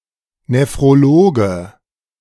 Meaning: nephrologist (male or of unspecified gender)
- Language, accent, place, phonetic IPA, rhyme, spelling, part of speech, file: German, Germany, Berlin, [nefʁoˈloːɡə], -oːɡə, Nephrologe, noun, De-Nephrologe.ogg